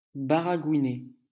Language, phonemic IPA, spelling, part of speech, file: French, /ba.ʁa.ɡwi.ne/, baragouiner, verb, LL-Q150 (fra)-baragouiner.wav
- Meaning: 1. to gibber, jabber, garble, muddle one's words 2. to speak (a language) badly